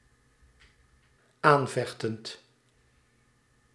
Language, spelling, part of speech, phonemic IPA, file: Dutch, aanvechtend, verb, /ˈaɱvɛxtənt/, Nl-aanvechtend.ogg
- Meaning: present participle of aanvechten